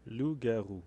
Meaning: 1. werewolf 2. werewolf: rougarou
- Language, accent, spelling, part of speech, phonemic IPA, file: French, Canada, loup-garou, noun, /lu.ɡa.ʁu/, Fr-loup-garou.oga